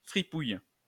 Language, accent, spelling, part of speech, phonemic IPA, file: French, France, fripouille, noun, /fʁi.puj/, LL-Q150 (fra)-fripouille.wav
- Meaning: crook